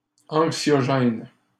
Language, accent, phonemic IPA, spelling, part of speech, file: French, Canada, /ɑ̃k.sjɔ.ʒɛn/, anxiogène, adjective, LL-Q150 (fra)-anxiogène.wav
- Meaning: 1. anxiogenic 2. worrisome (causing worry; perturbing or vexing)